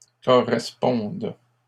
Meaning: second-person singular present subjunctive of correspondre
- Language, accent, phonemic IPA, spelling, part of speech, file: French, Canada, /kɔ.ʁɛs.pɔ̃d/, correspondes, verb, LL-Q150 (fra)-correspondes.wav